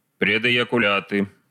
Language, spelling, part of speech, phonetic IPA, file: Russian, предэякуляты, noun, [prʲɪdɨ(j)ɪkʊˈlʲatɨ], Ru-предэякуляты.ogg
- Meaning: nominative/accusative plural of предэякуля́т (predɛjakulját)